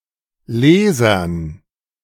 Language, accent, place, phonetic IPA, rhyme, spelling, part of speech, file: German, Germany, Berlin, [ˈleːzɐn], -eːzɐn, Lesern, noun, De-Lesern.ogg
- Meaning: dative plural of Leser